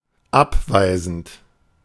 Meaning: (verb) present participle of abweisen; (adjective) cold, standoffish, dismissive
- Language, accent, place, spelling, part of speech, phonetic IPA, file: German, Germany, Berlin, abweisend, verb, [ˈapˌvaɪ̯zn̩t], De-abweisend.ogg